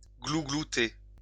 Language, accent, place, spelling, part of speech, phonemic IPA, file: French, France, Lyon, glouglouter, verb, /ɡlu.ɡlu.te/, LL-Q150 (fra)-glouglouter.wav
- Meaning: 1. to gobble (like a turkey) 2. to gurgle